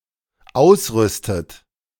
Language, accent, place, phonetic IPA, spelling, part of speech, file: German, Germany, Berlin, [ˈaʊ̯sˌʁʏstət], ausrüstet, verb, De-ausrüstet.ogg
- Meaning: inflection of ausrüsten: 1. third-person singular dependent present 2. second-person plural dependent present 3. second-person plural dependent subjunctive I